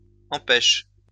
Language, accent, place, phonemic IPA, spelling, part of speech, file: French, France, Lyon, /ɑ̃.pɛʃ/, empêche, verb, LL-Q150 (fra)-empêche.wav
- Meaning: inflection of empêcher: 1. first/third-person singular present indicative/subjunctive 2. second-person singular imperative